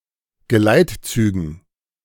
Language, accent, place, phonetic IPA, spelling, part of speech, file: German, Germany, Berlin, [ɡəˈlaɪ̯tˌt͡syːɡn̩], Geleitzügen, noun, De-Geleitzügen.ogg
- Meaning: dative plural of Geleitzug